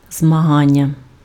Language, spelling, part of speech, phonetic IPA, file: Ukrainian, змагання, noun, [zmɐˈɦanʲːɐ], Uk-змагання.ogg
- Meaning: 1. verbal noun of змага́тися impf (zmahátysja) 2. competition, contest